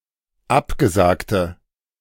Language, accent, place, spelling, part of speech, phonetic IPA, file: German, Germany, Berlin, abgesagte, adjective, [ˈapɡəˌzaːktə], De-abgesagte.ogg
- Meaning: inflection of abgesagt: 1. strong/mixed nominative/accusative feminine singular 2. strong nominative/accusative plural 3. weak nominative all-gender singular